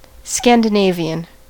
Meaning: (noun) 1. Someone from Scandinavia 2. The Scandinavian Defence; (adjective) Of or relating to Scandinavia
- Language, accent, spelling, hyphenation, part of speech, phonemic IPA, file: English, US, Scandinavian, Scan‧di‧na‧vi‧an, noun / adjective, /ˌskændɪˈneɪvi.ən/, En-us-Scandinavian.ogg